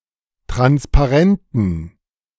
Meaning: inflection of transparent: 1. strong genitive masculine/neuter singular 2. weak/mixed genitive/dative all-gender singular 3. strong/weak/mixed accusative masculine singular 4. strong dative plural
- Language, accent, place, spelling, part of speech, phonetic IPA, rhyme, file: German, Germany, Berlin, transparenten, adjective, [ˌtʁanspaˈʁɛntn̩], -ɛntn̩, De-transparenten.ogg